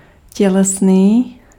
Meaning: bodily, physical
- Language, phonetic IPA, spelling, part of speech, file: Czech, [ˈcɛlɛsniː], tělesný, adjective, Cs-tělesný.ogg